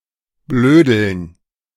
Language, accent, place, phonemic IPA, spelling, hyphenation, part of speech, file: German, Germany, Berlin, /ˈbløːdl̩n/, blödeln, blö‧deln, verb, De-blödeln.ogg
- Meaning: to fool around, to joke around, to talk nonsense (usually in a playful way)